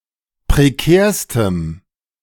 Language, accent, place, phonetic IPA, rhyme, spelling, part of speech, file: German, Germany, Berlin, [pʁeˈkɛːɐ̯stəm], -ɛːɐ̯stəm, prekärstem, adjective, De-prekärstem.ogg
- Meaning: strong dative masculine/neuter singular superlative degree of prekär